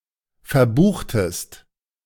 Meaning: inflection of verbuchen: 1. second-person singular preterite 2. second-person singular subjunctive II
- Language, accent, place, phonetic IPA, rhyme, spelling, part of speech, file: German, Germany, Berlin, [fɛɐ̯ˈbuːxtəst], -uːxtəst, verbuchtest, verb, De-verbuchtest.ogg